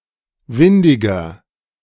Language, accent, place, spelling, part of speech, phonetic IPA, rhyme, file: German, Germany, Berlin, windiger, adjective, [ˈvɪndɪɡɐ], -ɪndɪɡɐ, De-windiger.ogg
- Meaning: 1. comparative degree of windig 2. inflection of windig: strong/mixed nominative masculine singular 3. inflection of windig: strong genitive/dative feminine singular